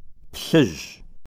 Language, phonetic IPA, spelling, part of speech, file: Kabardian, [pɬəʑə], плъыжьы, adjective, Plhazh.ogg
- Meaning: red